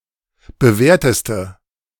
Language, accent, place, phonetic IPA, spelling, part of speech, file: German, Germany, Berlin, [bəˈvɛːɐ̯təstə], bewährteste, adjective, De-bewährteste.ogg
- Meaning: inflection of bewährt: 1. strong/mixed nominative/accusative feminine singular superlative degree 2. strong nominative/accusative plural superlative degree